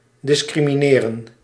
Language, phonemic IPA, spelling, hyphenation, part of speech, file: Dutch, /ˌdɪs.kri.miˈneː.rə(n)/, discrimineren, dis‧cri‧mi‧ne‧ren, verb, Nl-discrimineren.ogg
- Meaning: 1. to discriminate (making decisions based on prejudice) 2. to discriminate, to make a distinction